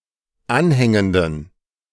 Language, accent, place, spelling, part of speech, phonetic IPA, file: German, Germany, Berlin, anhängenden, adjective, [ˈanˌhɛŋəndn̩], De-anhängenden.ogg
- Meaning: inflection of anhängend: 1. strong genitive masculine/neuter singular 2. weak/mixed genitive/dative all-gender singular 3. strong/weak/mixed accusative masculine singular 4. strong dative plural